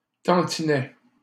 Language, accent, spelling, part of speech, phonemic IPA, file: French, Canada, tantinet, noun / adverb, /tɑ̃.ti.nɛ/, LL-Q150 (fra)-tantinet.wav
- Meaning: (noun) bit, tad, tiny bit; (adverb) bit, tad